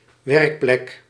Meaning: workplace
- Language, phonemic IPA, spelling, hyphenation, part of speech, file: Dutch, /ˈʋɛrk.plɛk/, werkplek, werk‧plek, noun, Nl-werkplek.ogg